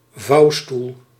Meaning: folding chair
- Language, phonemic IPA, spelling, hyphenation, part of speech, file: Dutch, /ˈvɑu̯.stul/, vouwstoel, vouw‧stoel, noun, Nl-vouwstoel.ogg